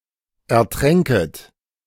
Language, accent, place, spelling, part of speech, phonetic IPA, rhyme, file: German, Germany, Berlin, ertränket, verb, [ɛɐ̯ˈtʁɛŋkət], -ɛŋkət, De-ertränket.ogg
- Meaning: second-person plural subjunctive II of ertrinken